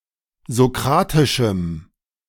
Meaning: strong dative masculine/neuter singular of sokratisch
- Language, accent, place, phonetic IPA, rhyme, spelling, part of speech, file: German, Germany, Berlin, [zoˈkʁaːtɪʃm̩], -aːtɪʃm̩, sokratischem, adjective, De-sokratischem.ogg